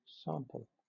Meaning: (noun) A part or snippet of something taken or presented for inspection, or shown as evidence of the quality of the whole; a specimen
- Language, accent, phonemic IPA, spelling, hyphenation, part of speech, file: English, Southern England, /ˈsɑːm.pəl/, sample, sam‧ple, noun / verb, LL-Q1860 (eng)-sample.wav